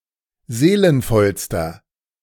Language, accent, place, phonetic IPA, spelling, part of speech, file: German, Germany, Berlin, [ˈzeːlənfɔlstɐ], seelenvollster, adjective, De-seelenvollster.ogg
- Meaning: inflection of seelenvoll: 1. strong/mixed nominative masculine singular superlative degree 2. strong genitive/dative feminine singular superlative degree 3. strong genitive plural superlative degree